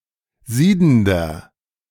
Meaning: inflection of siedend: 1. strong/mixed nominative masculine singular 2. strong genitive/dative feminine singular 3. strong genitive plural
- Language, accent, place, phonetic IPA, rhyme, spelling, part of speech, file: German, Germany, Berlin, [ˈziːdn̩dɐ], -iːdn̩dɐ, siedender, adjective, De-siedender.ogg